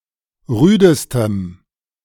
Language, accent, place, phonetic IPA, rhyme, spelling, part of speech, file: German, Germany, Berlin, [ˈʁyːdəstəm], -yːdəstəm, rüdestem, adjective, De-rüdestem.ogg
- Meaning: strong dative masculine/neuter singular superlative degree of rüde